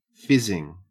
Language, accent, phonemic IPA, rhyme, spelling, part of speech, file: English, Australia, /ˈfɪzɪŋ/, -ɪzɪŋ, fizzing, verb / noun / adjective, En-au-fizzing.ogg
- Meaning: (verb) 1. present participle and gerund of fizz 2. present participle and gerund of fiz; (noun) 1. The action of the verb to fizz 2. The sound made by something that fizzes